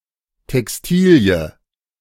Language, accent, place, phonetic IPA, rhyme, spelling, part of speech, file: German, Germany, Berlin, [tɛksˈtiːli̯ə], -iːli̯ə, Textilie, noun, De-Textilie.ogg
- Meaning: textile(s)